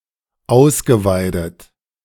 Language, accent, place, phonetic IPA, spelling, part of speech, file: German, Germany, Berlin, [ˈaʊ̯sɡəˌvaɪ̯dət], ausgeweidet, verb, De-ausgeweidet.ogg
- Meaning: past participle of ausweiden